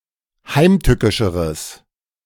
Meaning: strong/mixed nominative/accusative neuter singular comparative degree of heimtückisch
- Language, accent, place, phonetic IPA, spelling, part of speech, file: German, Germany, Berlin, [ˈhaɪ̯mˌtʏkɪʃəʁəs], heimtückischeres, adjective, De-heimtückischeres.ogg